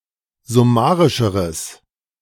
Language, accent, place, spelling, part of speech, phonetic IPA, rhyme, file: German, Germany, Berlin, summarischeres, adjective, [zʊˈmaːʁɪʃəʁəs], -aːʁɪʃəʁəs, De-summarischeres.ogg
- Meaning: strong/mixed nominative/accusative neuter singular comparative degree of summarisch